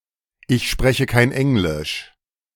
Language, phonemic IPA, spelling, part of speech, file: German, /ɪç ˈʃpʁɛ.çə kaɪ̯n ˈʔɛŋ.lɪʃ/, ich spreche kein Englisch, phrase, De-Ich spreche kein Englisch..ogg
- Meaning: I don't speak English